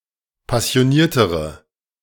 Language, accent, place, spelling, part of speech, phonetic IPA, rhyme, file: German, Germany, Berlin, passioniertere, adjective, [pasi̯oˈniːɐ̯təʁə], -iːɐ̯təʁə, De-passioniertere.ogg
- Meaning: inflection of passioniert: 1. strong/mixed nominative/accusative feminine singular comparative degree 2. strong nominative/accusative plural comparative degree